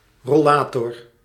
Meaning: rollator
- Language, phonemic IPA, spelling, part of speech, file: Dutch, /rɔ.ˈlaː.tɔr/, rollator, noun, Nl-rollator.ogg